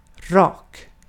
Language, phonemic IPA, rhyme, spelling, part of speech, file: Swedish, /ˈrɑːk/, -ɑːk, rak, adjective, Sv-rak.ogg
- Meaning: 1. straight; unbent 2. straight; direct, frank 3. straight